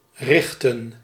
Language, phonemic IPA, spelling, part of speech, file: Dutch, /ˈrɪxtə(n)/, richten, verb, Nl-richten.ogg
- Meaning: to direct, aim